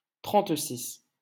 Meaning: 1. thirty-six 2. umpteen, a million, a thousand and one (an indeterminate large number of)
- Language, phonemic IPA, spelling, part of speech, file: French, /tʁɑ̃t.sis/, trente-six, numeral, LL-Q150 (fra)-trente-six.wav